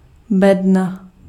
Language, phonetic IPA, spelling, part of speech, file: Czech, [ˈbɛdna], bedna, noun, Cs-bedna.ogg
- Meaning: 1. box, crate (container) 2. television